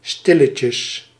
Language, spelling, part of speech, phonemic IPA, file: Dutch, stilletje, noun, /ˈstɪləcə/, Nl-stilletje.ogg
- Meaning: diminutive of stille